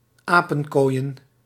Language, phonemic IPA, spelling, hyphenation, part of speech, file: Dutch, /ˈaːpə(ŋ)koːi̯ə(n)/, apenkooien, apen‧kooi‧en, verb / noun, Nl-apenkooien.ogg
- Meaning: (verb) to play a game of "apenkooi"; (noun) plural of apenkooi